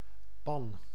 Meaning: 1. pan, especially for cooking 2. cooking pot 3. roof tile
- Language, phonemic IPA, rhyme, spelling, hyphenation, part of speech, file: Dutch, /pɑn/, -ɑn, pan, pan, noun, Nl-pan.ogg